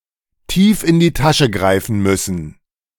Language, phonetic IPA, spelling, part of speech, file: German, [tiːf ɪn diː ˈtaʃə ˈɡʁaɪ̯fn̩ ˈmʏsn̩], tief in die Tasche greifen müssen, phrase, De-tief in die Tasche greifen müssen.ogg